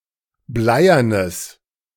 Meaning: strong/mixed nominative/accusative neuter singular of bleiern
- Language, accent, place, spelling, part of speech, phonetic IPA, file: German, Germany, Berlin, bleiernes, adjective, [ˈblaɪ̯ɐnəs], De-bleiernes.ogg